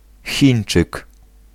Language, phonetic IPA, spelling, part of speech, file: Polish, [ˈxʲĩj̃n͇t͡ʃɨk], chińczyk, noun, Pl-chińczyk.ogg